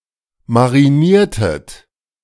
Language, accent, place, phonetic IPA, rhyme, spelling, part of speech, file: German, Germany, Berlin, [maʁiˈniːɐ̯tət], -iːɐ̯tət, mariniertet, verb, De-mariniertet.ogg
- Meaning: inflection of marinieren: 1. second-person plural preterite 2. second-person plural subjunctive II